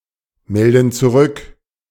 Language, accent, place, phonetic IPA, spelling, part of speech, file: German, Germany, Berlin, [ˌmɛldn̩ t͡suˈʁʏk], melden zurück, verb, De-melden zurück.ogg
- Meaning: inflection of zurückmelden: 1. first/third-person plural present 2. first/third-person plural subjunctive I